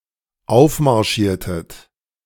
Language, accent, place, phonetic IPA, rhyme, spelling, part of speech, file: German, Germany, Berlin, [ˈaʊ̯fmaʁˌʃiːɐ̯tət], -aʊ̯fmaʁʃiːɐ̯tət, aufmarschiertet, verb, De-aufmarschiertet.ogg
- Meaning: inflection of aufmarschieren: 1. second-person plural dependent preterite 2. second-person plural dependent subjunctive II